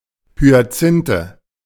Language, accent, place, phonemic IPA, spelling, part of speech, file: German, Germany, Berlin, /hyaˈt͡sɪntə/, Hyazinthe, noun, De-Hyazinthe.ogg
- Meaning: hyacinth (flower)